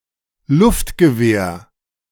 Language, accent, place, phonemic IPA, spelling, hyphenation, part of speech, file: German, Germany, Berlin, /ˈlʊftɡəˌveːɐ̯/, Luftgewehr, Luft‧ge‧wehr, noun, De-Luftgewehr.ogg
- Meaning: air gun